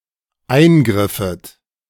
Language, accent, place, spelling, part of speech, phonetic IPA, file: German, Germany, Berlin, eingriffet, verb, [ˈaɪ̯nˌɡʁɪfət], De-eingriffet.ogg
- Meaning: second-person plural dependent subjunctive II of eingreifen